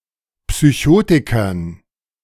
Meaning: dative plural of Psychotiker
- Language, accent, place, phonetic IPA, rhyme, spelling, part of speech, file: German, Germany, Berlin, [psyˈçoːtɪkɐn], -oːtɪkɐn, Psychotikern, noun, De-Psychotikern.ogg